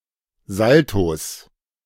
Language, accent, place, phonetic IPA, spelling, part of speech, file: German, Germany, Berlin, [ˈzaltos], Saltos, noun, De-Saltos.ogg
- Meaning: 1. genitive singular of Salto 2. plural of Salto